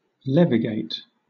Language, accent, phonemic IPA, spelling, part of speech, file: English, Southern England, /ˈlɛvɪɡeɪt/, levigate, verb, LL-Q1860 (eng)-levigate.wav
- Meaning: 1. To make smooth or polish 2. To make into a smooth paste or fine powder 3. To separate finer grains from coarser ones by suspension in a liquid 4. To lighten 5. To belittle